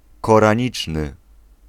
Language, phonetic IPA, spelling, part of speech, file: Polish, [ˌkɔrãˈɲit͡ʃnɨ], koraniczny, adjective, Pl-koraniczny.ogg